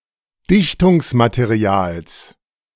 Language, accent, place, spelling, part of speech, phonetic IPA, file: German, Germany, Berlin, Dichtungsmaterials, noun, [ˈdɪçtʊŋsmateˌʁi̯aːls], De-Dichtungsmaterials.ogg
- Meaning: genitive singular of Dichtungsmaterial